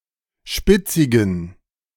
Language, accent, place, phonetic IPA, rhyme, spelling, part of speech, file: German, Germany, Berlin, [ˈʃpɪt͡sɪɡn̩], -ɪt͡sɪɡn̩, spitzigen, adjective, De-spitzigen.ogg
- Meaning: inflection of spitzig: 1. strong genitive masculine/neuter singular 2. weak/mixed genitive/dative all-gender singular 3. strong/weak/mixed accusative masculine singular 4. strong dative plural